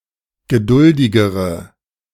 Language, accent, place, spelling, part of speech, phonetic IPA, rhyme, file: German, Germany, Berlin, geduldigere, adjective, [ɡəˈdʊldɪɡəʁə], -ʊldɪɡəʁə, De-geduldigere.ogg
- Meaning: inflection of geduldig: 1. strong/mixed nominative/accusative feminine singular comparative degree 2. strong nominative/accusative plural comparative degree